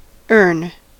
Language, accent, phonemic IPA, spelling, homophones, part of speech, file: English, US, /ɝn/, earn, ern / erne / urn, verb, En-us-earn.ogg
- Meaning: To gain (success, reward, recognition) through applied effort or work